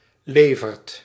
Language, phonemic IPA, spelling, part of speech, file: Dutch, /ˈlevərt/, levert, verb, Nl-levert.ogg
- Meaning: inflection of leveren: 1. second/third-person singular present indicative 2. plural imperative